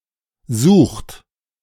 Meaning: inflection of suchen: 1. third-person singular present 2. second-person plural present 3. plural imperative
- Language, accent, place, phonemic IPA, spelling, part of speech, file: German, Germany, Berlin, /zuːxt/, sucht, verb, De-sucht.ogg